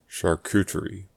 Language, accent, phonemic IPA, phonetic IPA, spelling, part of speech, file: English, US, /ʃɑɹˈkutəɹi/, [ʃɑɹˈkuɾəɹi], charcuterie, noun, En-us-charcuterie.ogg
- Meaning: 1. The practice of cooking and preparing ready-to-eat meat products, especially pork 2. Cured meat that is ready to be eaten, especially pork 3. A shop or part of a shop specialising in cured meat